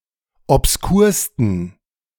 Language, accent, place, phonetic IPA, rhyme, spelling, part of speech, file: German, Germany, Berlin, [ɔpsˈkuːɐ̯stn̩], -uːɐ̯stn̩, obskursten, adjective, De-obskursten.ogg
- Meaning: 1. superlative degree of obskur 2. inflection of obskur: strong genitive masculine/neuter singular superlative degree